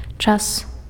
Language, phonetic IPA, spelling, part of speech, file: Belarusian, [t͡ʂas], час, noun, Be-час.ogg
- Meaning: 1. time 2. tense